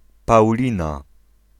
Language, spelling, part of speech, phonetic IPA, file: Polish, Paulina, proper noun / noun, [pawˈlʲĩna], Pl-Paulina.ogg